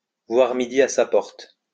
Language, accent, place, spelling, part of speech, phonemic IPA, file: French, France, Lyon, voir midi à sa porte, verb, /vwaʁ mi.di a sa pɔʁt/, LL-Q150 (fra)-voir midi à sa porte.wav
- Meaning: to look at things in a solipsistic manner, to be wrapped up in oneself